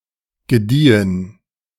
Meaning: 1. past participle of gedeihen 2. inflection of gedeihen: first/third-person plural preterite 3. inflection of gedeihen: first/third-person plural subjunctive II
- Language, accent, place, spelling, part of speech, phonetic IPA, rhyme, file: German, Germany, Berlin, gediehen, verb, [ɡəˈdiːən], -iːən, De-gediehen.ogg